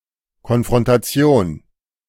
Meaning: confrontation (the act of confronting or challenging another, especially face-to-face)
- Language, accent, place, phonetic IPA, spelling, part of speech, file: German, Germany, Berlin, [kɔnfʁɔntaˈtsi̯oːn], Konfrontation, noun, De-Konfrontation.ogg